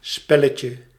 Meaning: diminutive of spel
- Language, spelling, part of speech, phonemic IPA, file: Dutch, spelletje, noun, /ˈspɛləcə/, Nl-spelletje.ogg